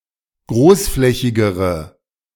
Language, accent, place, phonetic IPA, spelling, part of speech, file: German, Germany, Berlin, [ˈɡʁoːsˌflɛçɪɡəʁə], großflächigere, adjective, De-großflächigere.ogg
- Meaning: inflection of großflächig: 1. strong/mixed nominative/accusative feminine singular comparative degree 2. strong nominative/accusative plural comparative degree